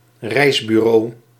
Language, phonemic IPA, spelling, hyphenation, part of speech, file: Dutch, /ˈrɛi̯s.byˌroː/, reisbureau, reis‧bu‧reau, noun, Nl-reisbureau.ogg
- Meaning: travel agency